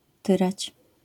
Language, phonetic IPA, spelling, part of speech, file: Polish, [ˈtɨrat͡ɕ], tyrać, verb, LL-Q809 (pol)-tyrać.wav